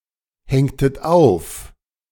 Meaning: inflection of aufhängen: 1. second-person plural preterite 2. second-person plural subjunctive II
- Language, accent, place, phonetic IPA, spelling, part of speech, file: German, Germany, Berlin, [ˌhɛŋtət ˈaʊ̯f], hängtet auf, verb, De-hängtet auf.ogg